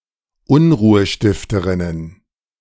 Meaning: plural of Unruhestifterin
- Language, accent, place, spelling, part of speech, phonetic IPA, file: German, Germany, Berlin, Unruhestifterinnen, noun, [ˈʊnʁuːəˌʃtɪftəʁɪnən], De-Unruhestifterinnen.ogg